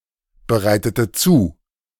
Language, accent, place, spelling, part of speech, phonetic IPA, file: German, Germany, Berlin, bereitete zu, verb, [bəˌʁaɪ̯tətə ˈt͡suː], De-bereitete zu.ogg
- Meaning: inflection of zubereiten: 1. first/third-person singular preterite 2. first/third-person singular subjunctive II